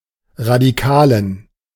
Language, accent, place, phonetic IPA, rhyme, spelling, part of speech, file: German, Germany, Berlin, [ʁadiˈkaːlən], -aːlən, Radikalen, noun, De-Radikalen.ogg
- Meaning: genitive singular of Radikaler